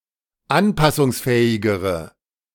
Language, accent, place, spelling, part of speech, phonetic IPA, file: German, Germany, Berlin, anpassungsfähigere, adjective, [ˈanpasʊŋsˌfɛːɪɡəʁə], De-anpassungsfähigere.ogg
- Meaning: inflection of anpassungsfähig: 1. strong/mixed nominative/accusative feminine singular comparative degree 2. strong nominative/accusative plural comparative degree